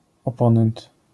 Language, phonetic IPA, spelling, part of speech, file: Polish, [ɔˈpɔ̃nɛ̃nt], oponent, noun, LL-Q809 (pol)-oponent.wav